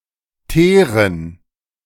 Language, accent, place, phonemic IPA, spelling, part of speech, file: German, Germany, Berlin, /ˈteːʁən/, Teeren, noun, De-Teeren.ogg
- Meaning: 1. gerund of teeren 2. dative plural of Teer